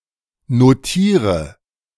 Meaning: inflection of notieren: 1. first-person singular present 2. first/third-person singular subjunctive I 3. singular imperative
- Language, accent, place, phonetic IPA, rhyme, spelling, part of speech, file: German, Germany, Berlin, [noˈtiːʁə], -iːʁə, notiere, verb, De-notiere.ogg